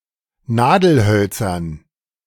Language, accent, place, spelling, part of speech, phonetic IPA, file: German, Germany, Berlin, Nadelhölzern, noun, [ˈnaːdl̩ˌhœlt͡sɐn], De-Nadelhölzern.ogg
- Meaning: dative plural of Nadelholz